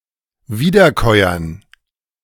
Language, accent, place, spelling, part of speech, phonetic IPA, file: German, Germany, Berlin, Wiederkäuern, noun, [ˈviːdɐˌkɔɪ̯ɐn], De-Wiederkäuern.ogg
- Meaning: dative plural of Wiederkäuer